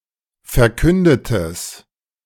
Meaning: strong/mixed nominative/accusative neuter singular of verkündet
- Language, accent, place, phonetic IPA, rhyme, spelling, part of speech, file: German, Germany, Berlin, [fɛɐ̯ˈkʏndətəs], -ʏndətəs, verkündetes, adjective, De-verkündetes.ogg